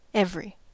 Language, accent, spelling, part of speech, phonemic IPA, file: English, US, every, determiner, /ˈɛv.(ə.)ɹi/, En-us-every.ogg
- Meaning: 1. All of a countable group (considered individually), without exception 2. Denotes equal spacing at a stated interval, or a proportion corresponding to such a spacing